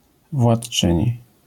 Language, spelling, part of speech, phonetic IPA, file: Polish, władczyni, noun, [vwaṭˈt͡ʃɨ̃ɲi], LL-Q809 (pol)-władczyni.wav